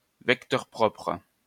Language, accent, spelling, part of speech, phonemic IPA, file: French, France, vecteur propre, noun, /vɛk.tɛʁ pʁɔpʁ/, LL-Q150 (fra)-vecteur propre.wav
- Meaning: eigenvector